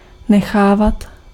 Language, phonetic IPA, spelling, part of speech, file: Czech, [ˈnɛxaːvat], nechávat, verb, Cs-nechávat.ogg
- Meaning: imperfective form of nechat